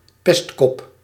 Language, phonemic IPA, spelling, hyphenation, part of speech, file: Dutch, /ˈpɛst.kɔp/, pestkop, pest‧kop, noun, Nl-pestkop.ogg
- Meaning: a bully, who maliciously, systematically bullies or pesters others